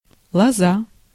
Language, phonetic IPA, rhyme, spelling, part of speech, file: Russian, [ɫɐˈza], -a, лоза, noun, Ru-лоза.ogg
- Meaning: 1. vine 2. rod, switch (thin, flexible stick)